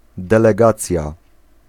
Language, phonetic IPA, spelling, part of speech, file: Polish, [ˌdɛlɛˈɡat͡sʲja], delegacja, noun, Pl-delegacja.ogg